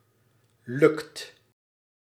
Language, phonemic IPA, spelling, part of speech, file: Dutch, /lɵkt/, lukt, verb, Nl-lukt.ogg
- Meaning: inflection of lukken: 1. second/third-person singular present indicative 2. plural imperative